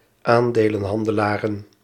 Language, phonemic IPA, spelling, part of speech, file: Dutch, /ˈandelə(n)ˌhɑndəlarə(n)/, aandelenhandelaren, noun, Nl-aandelenhandelaren.ogg
- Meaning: plural of aandelenhandelaar